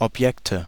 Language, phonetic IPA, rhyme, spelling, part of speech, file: German, [ɔpˈjɛktə], -ɛktə, Objekte, noun, De-Objekte.ogg
- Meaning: nominative/accusative/genitive plural of Objekt